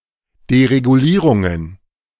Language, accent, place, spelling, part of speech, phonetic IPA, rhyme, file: German, Germany, Berlin, Deregulierungen, noun, [deʁeɡuˈliːʁʊŋən], -iːʁʊŋən, De-Deregulierungen.ogg
- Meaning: plural of Deregulierung